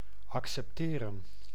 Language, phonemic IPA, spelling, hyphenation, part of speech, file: Dutch, /ɑk.sɛpˈteːrə(n)/, accepteren, ac‧cep‧te‧ren, verb, Nl-accepteren.ogg
- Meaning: to accept